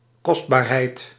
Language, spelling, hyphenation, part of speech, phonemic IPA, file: Dutch, kostbaarheid, kost‧baar‧heid, noun, /ˈkɔst.baːrˌɦɛi̯t/, Nl-kostbaarheid.ogg
- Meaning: 1. preciousness 2. valuable (item of great value)